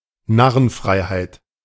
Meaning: jester's license, jester's freedom, jester's privilege
- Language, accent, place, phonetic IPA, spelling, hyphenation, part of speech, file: German, Germany, Berlin, [ˈnaʁənˌfʁaɪ̯haɪ̯t], Narrenfreiheit, Nar‧ren‧frei‧heit, noun, De-Narrenfreiheit.ogg